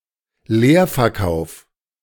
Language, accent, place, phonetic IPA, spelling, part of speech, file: German, Germany, Berlin, [ˈleːɐ̯fɛɐ̯ˌkaʊ̯f], Leerverkauf, noun, De-Leerverkauf.ogg
- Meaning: short sale